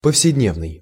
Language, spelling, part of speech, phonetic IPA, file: Russian, повседневный, adjective, [pəfsʲɪdʲˈnʲevnɨj], Ru-повседневный.ogg
- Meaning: 1. everyday, daily (appropriate for ordinary use, rather than for special occasions) 2. day-to-day (ordinary or mundane)